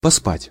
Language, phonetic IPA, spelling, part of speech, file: Russian, [pɐˈspatʲ], поспать, verb, Ru-поспать.ogg
- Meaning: to sleep, to have some sleep